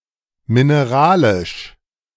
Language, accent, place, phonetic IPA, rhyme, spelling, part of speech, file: German, Germany, Berlin, [mɪneˈʁaːlɪʃ], -aːlɪʃ, mineralisch, adjective, De-mineralisch.ogg
- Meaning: mineral